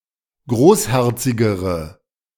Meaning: inflection of großherzig: 1. strong/mixed nominative/accusative feminine singular comparative degree 2. strong nominative/accusative plural comparative degree
- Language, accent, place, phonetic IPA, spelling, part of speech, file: German, Germany, Berlin, [ˈɡʁoːsˌhɛʁt͡sɪɡəʁə], großherzigere, adjective, De-großherzigere.ogg